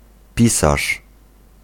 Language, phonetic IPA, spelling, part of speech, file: Polish, [ˈpʲisaʃ], pisarz, noun, Pl-pisarz.ogg